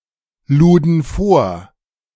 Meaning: first/third-person plural preterite of vorladen
- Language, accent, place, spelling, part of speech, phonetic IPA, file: German, Germany, Berlin, luden vor, verb, [ˌluːdn̩ ˈfoːɐ̯], De-luden vor.ogg